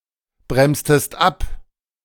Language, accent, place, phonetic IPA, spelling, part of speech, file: German, Germany, Berlin, [ˌbʁɛmstəst ˈap], bremstest ab, verb, De-bremstest ab.ogg
- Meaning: inflection of abbremsen: 1. second-person singular preterite 2. second-person singular subjunctive II